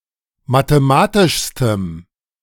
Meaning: strong dative masculine/neuter singular superlative degree of mathematisch
- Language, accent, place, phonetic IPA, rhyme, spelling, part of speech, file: German, Germany, Berlin, [mateˈmaːtɪʃstəm], -aːtɪʃstəm, mathematischstem, adjective, De-mathematischstem.ogg